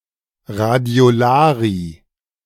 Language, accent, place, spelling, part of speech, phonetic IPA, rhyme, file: German, Germany, Berlin, Radiolarie, noun, [ʁadi̯oˈlaːʁiə], -aːʁiə, De-Radiolarie.ogg
- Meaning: radiolarian